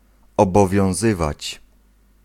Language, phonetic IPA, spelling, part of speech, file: Polish, [ˌɔbɔvʲjɔ̃w̃ˈzɨvat͡ɕ], obowiązywać, verb, Pl-obowiązywać.ogg